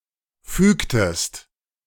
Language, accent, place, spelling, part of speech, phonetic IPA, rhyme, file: German, Germany, Berlin, fügtest, verb, [ˈfyːktəst], -yːktəst, De-fügtest.ogg
- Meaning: inflection of fügen: 1. second-person singular preterite 2. second-person singular subjunctive II